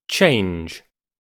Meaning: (verb) 1. To become something different 2. To make something into something else 3. To replace 4. To replace one's clothing
- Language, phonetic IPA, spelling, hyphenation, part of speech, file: English, [ˈt͡ʃʰeɪ̯nd͡ʒ], change, change, verb / noun, En-uk-change.ogg